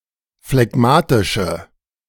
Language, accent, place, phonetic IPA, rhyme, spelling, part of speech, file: German, Germany, Berlin, [flɛˈɡmaːtɪʃə], -aːtɪʃə, phlegmatische, adjective, De-phlegmatische.ogg
- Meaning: inflection of phlegmatisch: 1. strong/mixed nominative/accusative feminine singular 2. strong nominative/accusative plural 3. weak nominative all-gender singular